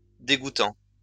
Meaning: present participle of dégoutter
- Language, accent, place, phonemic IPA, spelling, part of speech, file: French, France, Lyon, /de.ɡu.tɑ̃/, dégouttant, verb, LL-Q150 (fra)-dégouttant.wav